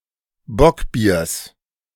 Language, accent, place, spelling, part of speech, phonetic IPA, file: German, Germany, Berlin, Bockbiers, noun, [ˈbɔkˌbiːɐ̯s], De-Bockbiers.ogg
- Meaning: genitive singular of Bockbier